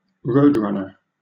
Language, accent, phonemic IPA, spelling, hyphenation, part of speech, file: English, Southern England, /ˈɹəʊdˌɹʌnə/, roadrunner, road‧run‧ner, noun, LL-Q1860 (eng)-roadrunner.wav